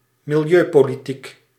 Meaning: set of policies regarding the environment; environmental politics
- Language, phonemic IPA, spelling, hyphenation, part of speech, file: Dutch, /mɪlˈjøː.poː.liˌtik/, milieupolitiek, mi‧li‧eu‧po‧li‧tiek, noun, Nl-milieupolitiek.ogg